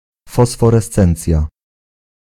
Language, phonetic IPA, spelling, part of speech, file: Polish, [ˌfɔsfɔrɛˈst͡sɛ̃nt͡sʲja], fosforescencja, noun, Pl-fosforescencja.ogg